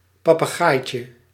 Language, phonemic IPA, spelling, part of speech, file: Dutch, /ˌpɑpəˈɣajcə/, papegaaitje, noun, Nl-papegaaitje.ogg
- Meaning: diminutive of papegaai